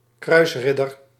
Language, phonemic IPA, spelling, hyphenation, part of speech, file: Dutch, /ˈkrœy̯sˌrɪ.dər/, kruisridder, kruis‧rid‧der, noun, Nl-kruisridder.ogg
- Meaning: a crusader, a knight who participated in the crusades